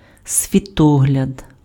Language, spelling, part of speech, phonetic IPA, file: Ukrainian, світогляд, noun, [sʲʋʲiˈtɔɦlʲɐd], Uk-світогляд.ogg
- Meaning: worldview (totality of one's beliefs about reality; general philosophy or view of life)